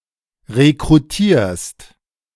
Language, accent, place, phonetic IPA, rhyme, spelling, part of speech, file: German, Germany, Berlin, [ʁekʁuˈtiːɐ̯st], -iːɐ̯st, rekrutierst, verb, De-rekrutierst.ogg
- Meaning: second-person singular present of rekrutieren